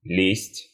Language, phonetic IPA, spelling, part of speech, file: Russian, [lʲesʲtʲ], лесть, noun, Ru-лесть.ogg
- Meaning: flattery, adulation, cajolery